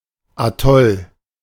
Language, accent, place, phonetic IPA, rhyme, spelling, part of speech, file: German, Germany, Berlin, [aˈtɔl], -ɔl, Atoll, noun, De-Atoll.ogg
- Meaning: atoll